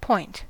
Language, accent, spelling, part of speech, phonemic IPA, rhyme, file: English, US, point, noun / interjection / verb, /pɔɪnt/, -ɔɪnt, En-us-point.ogg
- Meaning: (noun) A small dot or mark.: 1. Something tiny, as a pinprick; a very small mark 2. A full stop or other terminal punctuation mark